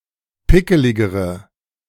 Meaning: inflection of pickelig: 1. strong/mixed nominative/accusative feminine singular comparative degree 2. strong nominative/accusative plural comparative degree
- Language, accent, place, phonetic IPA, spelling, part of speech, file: German, Germany, Berlin, [ˈpɪkəlɪɡəʁə], pickeligere, adjective, De-pickeligere.ogg